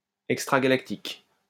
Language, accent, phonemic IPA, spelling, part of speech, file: French, France, /ɛk.stʁa.ɡa.lak.tik/, extragalactique, adjective, LL-Q150 (fra)-extragalactique.wav
- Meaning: extragalactic